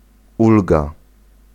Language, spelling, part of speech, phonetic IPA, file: Polish, ulga, noun, [ˈulɡa], Pl-ulga.ogg